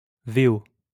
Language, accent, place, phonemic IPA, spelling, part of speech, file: French, France, Lyon, /ve.o/, VO, noun, LL-Q150 (fra)-VO.wav
- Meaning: "version originale" — original-language version (OV); a non-French-language film